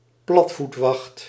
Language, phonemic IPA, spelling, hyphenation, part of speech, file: Dutch, /ˈplɑt.futˌʋɑxt/, platvoetwacht, plat‧voet‧wacht, noun, Nl-platvoetwacht.ogg
- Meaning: guard duty on a ship from 4 to 8 PM